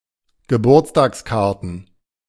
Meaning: plural of Geburtstagskarte
- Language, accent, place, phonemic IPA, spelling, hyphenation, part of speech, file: German, Germany, Berlin, /ɡəˈbuːɐ̯t͡staːksˌkaʁtn̩/, Geburtstagskarten, Ge‧burts‧tags‧kar‧ten, noun, De-Geburtstagskarten.ogg